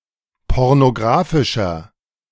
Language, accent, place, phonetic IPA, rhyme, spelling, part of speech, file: German, Germany, Berlin, [ˌpɔʁnoˈɡʁaːfɪʃɐ], -aːfɪʃɐ, pornographischer, adjective, De-pornographischer.ogg
- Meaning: inflection of pornographisch: 1. strong/mixed nominative masculine singular 2. strong genitive/dative feminine singular 3. strong genitive plural